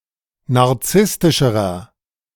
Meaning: inflection of narzisstisch: 1. strong/mixed nominative masculine singular comparative degree 2. strong genitive/dative feminine singular comparative degree 3. strong genitive plural comparative degree
- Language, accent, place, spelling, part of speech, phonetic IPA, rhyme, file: German, Germany, Berlin, narzisstischerer, adjective, [naʁˈt͡sɪstɪʃəʁɐ], -ɪstɪʃəʁɐ, De-narzisstischerer.ogg